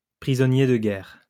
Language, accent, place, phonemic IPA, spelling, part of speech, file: French, France, Lyon, /pʁi.zɔ.nje d(ə) ɡɛʁ/, prisonnier de guerre, noun, LL-Q150 (fra)-prisonnier de guerre.wav
- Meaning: prisoner of war, POW